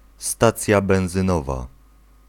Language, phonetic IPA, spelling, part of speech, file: Polish, [ˈstat͡sʲja ˌbɛ̃w̃zɨ̃ˈnɔva], stacja benzynowa, noun, Pl-stacja benzynowa.ogg